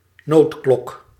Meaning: alarm bell
- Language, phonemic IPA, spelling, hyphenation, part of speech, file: Dutch, /ˈnotklɔk/, noodklok, nood‧klok, noun, Nl-noodklok.ogg